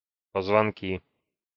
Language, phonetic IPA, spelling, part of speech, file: Russian, [pəzvɐnˈkʲi], позвонки, noun, Ru-позвонки.ogg
- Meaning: nominative/accusative plural of позвоно́к (pozvonók)